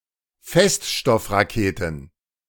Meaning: plural of Feststoffrakete
- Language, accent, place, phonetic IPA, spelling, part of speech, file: German, Germany, Berlin, [ˈfɛstʃtɔfʁaˌkeːtn̩], Feststoffraketen, noun, De-Feststoffraketen.ogg